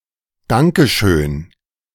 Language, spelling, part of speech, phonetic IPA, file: German, danke schön, interjection, [ˈdaŋkə ʃøːn], De-Danke schön..ogg
- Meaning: thank you very much